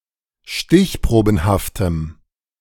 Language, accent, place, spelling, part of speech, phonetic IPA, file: German, Germany, Berlin, stichprobenhaftem, adjective, [ˈʃtɪçˌpʁoːbn̩haftəm], De-stichprobenhaftem.ogg
- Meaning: strong dative masculine/neuter singular of stichprobenhaft